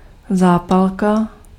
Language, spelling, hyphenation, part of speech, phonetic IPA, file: Czech, zápalka, zá‧pal‧ka, noun, [ˈzaːpalka], Cs-zápalka.ogg
- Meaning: match (device to make fire)